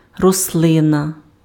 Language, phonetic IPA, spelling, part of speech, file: Ukrainian, [rɔsˈɫɪnɐ], рослина, noun, Uk-рослина.ogg
- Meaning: plant (photosynthetic organism)